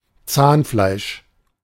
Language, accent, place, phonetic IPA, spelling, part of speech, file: German, Germany, Berlin, [ˈt͡saːnˌflaɪ̯ʃ], Zahnfleisch, noun, De-Zahnfleisch.ogg
- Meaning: gums (flesh around the bases of the teeth)